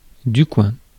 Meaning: quince (pear-shaped fruit of a small tree of the rose family) (Cydonia oblonga)
- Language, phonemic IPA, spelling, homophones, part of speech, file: French, /kwɛ̃/, coing, coin / coings / coins, noun, Fr-coing.ogg